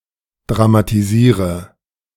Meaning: inflection of dramatisieren: 1. first-person singular present 2. singular imperative 3. first/third-person singular subjunctive I
- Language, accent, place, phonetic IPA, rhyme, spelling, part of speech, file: German, Germany, Berlin, [dʁamatiˈziːʁə], -iːʁə, dramatisiere, verb, De-dramatisiere.ogg